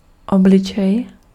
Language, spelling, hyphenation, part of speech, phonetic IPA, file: Czech, obličej, ob‧li‧čej, noun, [ˈoblɪt͡ʃɛj], Cs-obličej.ogg
- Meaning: face